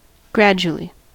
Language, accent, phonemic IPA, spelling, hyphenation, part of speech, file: English, US, /ˈɡɹæd͡ʒuəli/, gradually, grad‧u‧al‧ly, adverb, En-us-gradually.ogg
- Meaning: 1. In a gradual manner; making slow progress; slowly 2. by degrees